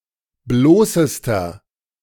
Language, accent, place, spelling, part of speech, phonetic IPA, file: German, Germany, Berlin, bloßester, adjective, [ˈbloːsəstɐ], De-bloßester.ogg
- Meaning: inflection of bloß: 1. strong/mixed nominative masculine singular superlative degree 2. strong genitive/dative feminine singular superlative degree 3. strong genitive plural superlative degree